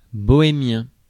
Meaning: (noun) Rom (a member of the Romani people); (adjective) Bohemian (of or from Bohemia)
- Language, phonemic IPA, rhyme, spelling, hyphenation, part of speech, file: French, /bɔ.e.mjɛ̃/, -ɛ̃, bohémien, bo‧hé‧mien, noun / adjective, Fr-bohémien.ogg